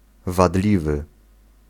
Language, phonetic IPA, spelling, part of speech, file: Polish, [vaˈdlʲivɨ], wadliwy, adjective, Pl-wadliwy.ogg